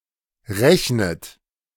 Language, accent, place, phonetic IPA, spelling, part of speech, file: German, Germany, Berlin, [ˈʁɛçnət], rechnet, verb, De-rechnet.ogg
- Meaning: inflection of rechnen: 1. third-person singular present 2. second-person plural present 3. second-person plural subjunctive I 4. plural imperative